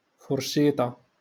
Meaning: fork
- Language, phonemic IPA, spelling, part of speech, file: Moroccan Arabic, /fur.ʃiː.tˤa/, فرشيطة, noun, LL-Q56426 (ary)-فرشيطة.wav